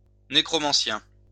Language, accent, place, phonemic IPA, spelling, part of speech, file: French, France, Lyon, /ne.kʁɔ.mɑ̃.sjɛ̃/, nécromancien, noun, LL-Q150 (fra)-nécromancien.wav
- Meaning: 1. necromancer 2. magician